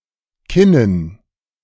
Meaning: dative plural of Kinn
- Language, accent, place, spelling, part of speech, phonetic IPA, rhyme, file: German, Germany, Berlin, Kinnen, noun, [ˈkɪnən], -ɪnən, De-Kinnen.ogg